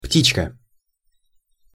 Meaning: diminutive of пти́ца (ptíca): birdie, little bird, birdling
- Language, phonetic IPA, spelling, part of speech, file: Russian, [ˈptʲit͡ɕkə], птичка, noun, Ru-птичка.ogg